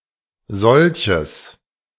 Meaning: strong/mixed nominative/accusative neuter singular of solch
- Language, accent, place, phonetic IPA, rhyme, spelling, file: German, Germany, Berlin, [ˈzɔlçəs], -ɔlçəs, solches, De-solches.ogg